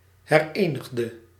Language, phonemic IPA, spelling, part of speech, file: Dutch, /hɛrˈeniɣdə/, herenigde, verb, Nl-herenigde.ogg
- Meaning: inflection of herenigen: 1. singular past indicative 2. singular past subjunctive